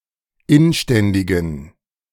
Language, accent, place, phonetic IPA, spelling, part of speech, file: German, Germany, Berlin, [ˈɪnˌʃtɛndɪɡn̩], inständigen, adjective, De-inständigen.ogg
- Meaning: inflection of inständig: 1. strong genitive masculine/neuter singular 2. weak/mixed genitive/dative all-gender singular 3. strong/weak/mixed accusative masculine singular 4. strong dative plural